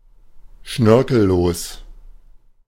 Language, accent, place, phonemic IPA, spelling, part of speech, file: German, Germany, Berlin, /ˈʃnœʁkl̩ˌloːs/, schnörkellos, adjective, De-schnörkellos.ogg
- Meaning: simple, unfussy